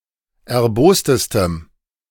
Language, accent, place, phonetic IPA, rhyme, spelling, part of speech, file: German, Germany, Berlin, [ɛɐ̯ˈboːstəstəm], -oːstəstəm, erbostestem, adjective, De-erbostestem.ogg
- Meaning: strong dative masculine/neuter singular superlative degree of erbost